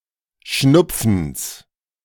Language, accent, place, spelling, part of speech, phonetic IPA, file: German, Germany, Berlin, Schnupfens, noun, [ˈʃnʊp͡fn̩s], De-Schnupfens.ogg
- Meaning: genitive of Schnupfen